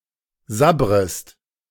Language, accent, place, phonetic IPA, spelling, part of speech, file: German, Germany, Berlin, [ˈzabʁəst], sabbrest, verb, De-sabbrest.ogg
- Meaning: second-person singular subjunctive I of sabbern